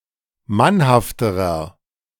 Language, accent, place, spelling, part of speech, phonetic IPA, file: German, Germany, Berlin, mannhafterer, adjective, [ˈmanhaftəʁɐ], De-mannhafterer.ogg
- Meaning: inflection of mannhaft: 1. strong/mixed nominative masculine singular comparative degree 2. strong genitive/dative feminine singular comparative degree 3. strong genitive plural comparative degree